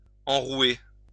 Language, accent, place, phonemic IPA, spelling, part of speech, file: French, France, Lyon, /ɑ̃.ʁwe/, enrouer, verb, LL-Q150 (fra)-enrouer.wav
- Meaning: to make hoarse